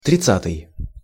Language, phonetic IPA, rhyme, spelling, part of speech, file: Russian, [trʲɪˈt͡s(ː)atɨj], -atɨj, тридцатый, adjective, Ru-тридцатый.ogg
- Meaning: thirtieth